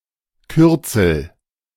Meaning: abbreviation
- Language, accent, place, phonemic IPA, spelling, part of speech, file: German, Germany, Berlin, /ˈkʏʁt͡sl̩/, Kürzel, noun, De-Kürzel.ogg